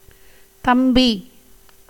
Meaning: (noun) 1. younger brother 2. term of address for a younger male; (verb) standard form of ஸ்தம்பி (stampi)
- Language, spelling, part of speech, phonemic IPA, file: Tamil, தம்பி, noun / verb, /t̪ɐmbiː/, Ta-தம்பி.ogg